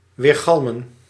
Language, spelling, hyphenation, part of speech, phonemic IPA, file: Dutch, weergalmen, weer‧gal‧men, verb, /ˌʋeːrˈɣɑl.mə(n)/, Nl-weergalmen.ogg
- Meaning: to echo, to ring, to make an echoing sound